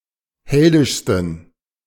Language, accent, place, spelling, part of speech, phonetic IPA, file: German, Germany, Berlin, heldischsten, adjective, [ˈhɛldɪʃstn̩], De-heldischsten.ogg
- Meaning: 1. superlative degree of heldisch 2. inflection of heldisch: strong genitive masculine/neuter singular superlative degree